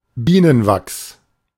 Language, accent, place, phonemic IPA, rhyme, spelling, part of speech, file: German, Germany, Berlin, /ˈbiːnənˌvaks/, -aks, Bienenwachs, noun, De-Bienenwachs.ogg
- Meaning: beeswax